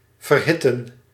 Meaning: to heat
- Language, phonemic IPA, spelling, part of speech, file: Dutch, /vərˈhɪtə(n)/, verhitten, verb, Nl-verhitten.ogg